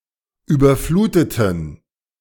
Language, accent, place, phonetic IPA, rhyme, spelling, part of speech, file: German, Germany, Berlin, [ˌyːbɐˈfluːtətn̩], -uːtətn̩, überfluteten, verb, De-überfluteten.ogg
- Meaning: inflection of überfluten: 1. first/third-person plural preterite 2. first/third-person plural subjunctive II